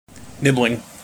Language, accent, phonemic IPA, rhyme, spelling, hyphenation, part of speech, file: English, General American, /ˈnɪblɪŋ/, -ɪblɪŋ, nibling, nib‧ling, noun, En-us-nibling.mp3
- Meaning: Used especially as a gender-neutral term: the child of one's sibling or sibling-in-law; one's nephew or niece